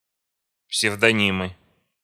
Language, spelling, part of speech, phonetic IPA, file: Russian, псевдонимы, noun, [psʲɪvdɐˈnʲimɨ], Ru-псевдонимы.ogg
- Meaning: nominative/accusative plural of псевдони́м (psevdoním)